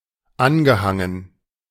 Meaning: past participle of anhängen
- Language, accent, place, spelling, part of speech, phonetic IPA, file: German, Germany, Berlin, angehangen, verb, [ˈanɡəˌhaŋən], De-angehangen.ogg